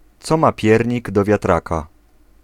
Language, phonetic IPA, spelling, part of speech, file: Polish, [ˈt͡sɔ ˈma ˈpʲjɛrʲɲiɡ ˌdɔ‿vʲjaˈtraka], co ma piernik do wiatraka, phrase, Pl-co ma piernik do wiatraka.ogg